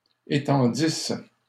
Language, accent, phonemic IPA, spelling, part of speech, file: French, Canada, /e.tɑ̃.dis/, étendissent, verb, LL-Q150 (fra)-étendissent.wav
- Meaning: third-person plural imperfect subjunctive of étendre